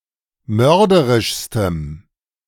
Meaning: strong dative masculine/neuter singular superlative degree of mörderisch
- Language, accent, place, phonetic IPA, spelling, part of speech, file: German, Germany, Berlin, [ˈmœʁdəʁɪʃstəm], mörderischstem, adjective, De-mörderischstem.ogg